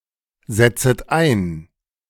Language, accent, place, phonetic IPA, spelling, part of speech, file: German, Germany, Berlin, [ˌzɛt͡sət ˈaɪ̯n], setzet ein, verb, De-setzet ein.ogg
- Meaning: second-person plural subjunctive I of einsetzen